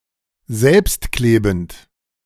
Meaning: self-adhesive
- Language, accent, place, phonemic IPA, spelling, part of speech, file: German, Germany, Berlin, /ˈzɛlpstˌkleːbn̩t/, selbstklebend, adjective, De-selbstklebend.ogg